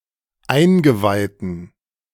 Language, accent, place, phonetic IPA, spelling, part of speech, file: German, Germany, Berlin, [ˈaɪ̯nɡəˌvaɪ̯tn̩], eingeweihten, adjective, De-eingeweihten.ogg
- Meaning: inflection of eingeweiht: 1. strong genitive masculine/neuter singular 2. weak/mixed genitive/dative all-gender singular 3. strong/weak/mixed accusative masculine singular 4. strong dative plural